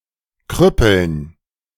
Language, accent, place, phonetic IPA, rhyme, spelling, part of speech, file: German, Germany, Berlin, [ˈkʁʏpl̩n], -ʏpl̩n, Krüppeln, noun, De-Krüppeln.ogg
- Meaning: dative plural of Krüppel